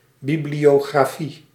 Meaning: bibliography
- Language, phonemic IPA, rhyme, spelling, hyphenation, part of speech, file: Dutch, /ˌbibli(j)oːɣraːˈfi/, -i, bibliografie, bi‧blio‧gra‧fie, noun, Nl-bibliografie.ogg